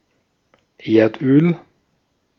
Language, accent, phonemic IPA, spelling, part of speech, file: German, Austria, /ˈeːrtˌøːl/, Erdöl, noun, De-at-Erdöl.ogg
- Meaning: oil, petroleum